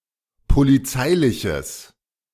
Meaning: strong/mixed nominative/accusative neuter singular of polizeilich
- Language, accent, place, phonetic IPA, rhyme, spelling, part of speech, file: German, Germany, Berlin, [poliˈt͡saɪ̯lɪçəs], -aɪ̯lɪçəs, polizeiliches, adjective, De-polizeiliches.ogg